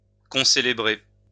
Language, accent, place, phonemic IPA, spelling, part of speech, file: French, France, Lyon, /kɔ̃.se.le.bʁe/, concélébrer, verb, LL-Q150 (fra)-concélébrer.wav
- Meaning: to concelebrate